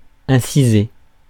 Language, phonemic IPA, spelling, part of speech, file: French, /ɛ̃.si.ze/, inciser, verb, Fr-inciser.ogg
- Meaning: to incise, make an incision